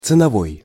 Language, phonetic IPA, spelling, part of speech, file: Russian, [t͡sɨnɐˈvoj], ценовой, adjective, Ru-ценовой.ogg
- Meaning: price